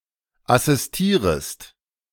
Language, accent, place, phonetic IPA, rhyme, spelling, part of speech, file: German, Germany, Berlin, [asɪsˈtiːʁəst], -iːʁəst, assistierest, verb, De-assistierest.ogg
- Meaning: second-person singular subjunctive I of assistieren